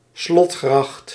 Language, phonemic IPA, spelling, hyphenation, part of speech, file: Dutch, /ˈslɔt.xrɑxt/, slotgracht, slot‧gracht, noun, Nl-slotgracht.ogg
- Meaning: moat